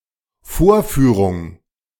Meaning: demonstration, presentation, showing, performance
- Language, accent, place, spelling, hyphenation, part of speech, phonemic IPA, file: German, Germany, Berlin, Vorführung, Vor‧füh‧rung, noun, /ˈfoːɐ̯ˌfyːʁʊŋ/, De-Vorführung.ogg